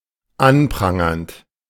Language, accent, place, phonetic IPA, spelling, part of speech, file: German, Germany, Berlin, [ˈanˌpʁaŋɐnt], anprangernd, verb, De-anprangernd.ogg
- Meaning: present participle of anprangern